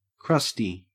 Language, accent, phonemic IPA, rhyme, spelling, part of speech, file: English, Australia, /ˈkɹʌsti/, -ʌsti, crusty, adjective / noun, En-au-crusty.ogg
- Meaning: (adjective) 1. Having a crust, especially a thick one 2. Short-tempered and gruff but, sometimes, with a harmless or benign inner nature 3. Of very low quality; crude visuals or harsh, granular sound